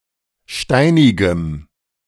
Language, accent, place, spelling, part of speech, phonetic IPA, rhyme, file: German, Germany, Berlin, steinigem, adjective, [ˈʃtaɪ̯nɪɡəm], -aɪ̯nɪɡəm, De-steinigem.ogg
- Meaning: strong dative masculine/neuter singular of steinig